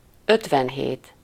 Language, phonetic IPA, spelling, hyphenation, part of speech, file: Hungarian, [ˈøtvɛnɦeːt], ötvenhét, öt‧ven‧hét, numeral, Hu-ötvenhét.ogg
- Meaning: fifty-seven